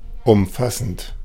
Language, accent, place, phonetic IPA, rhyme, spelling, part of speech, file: German, Germany, Berlin, [ʊmˈfasn̩t], -asn̩t, umfassend, adjective / verb, De-umfassend.ogg
- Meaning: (verb) present participle of umfassen; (adjective) comprehensive